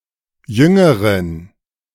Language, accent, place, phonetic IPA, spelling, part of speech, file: German, Germany, Berlin, [ˈjʏŋəʁən], jüngeren, adjective, De-jüngeren.ogg
- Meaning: inflection of jung: 1. strong genitive masculine/neuter singular comparative degree 2. weak/mixed genitive/dative all-gender singular comparative degree